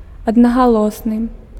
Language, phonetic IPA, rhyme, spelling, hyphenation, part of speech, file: Belarusian, [adnaɣaˈɫosnɨ], -osnɨ, аднагалосны, ад‧на‧га‧лос‧ны, adjective, Be-аднагалосны.ogg
- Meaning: unanimous